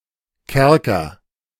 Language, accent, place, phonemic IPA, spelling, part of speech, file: German, Germany, Berlin, /ˈkɛrkər/, Kerker, noun, De-Kerker.ogg
- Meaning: 1. dungeon (immured and very austere prison, often underground) 2. an aggravated form of prison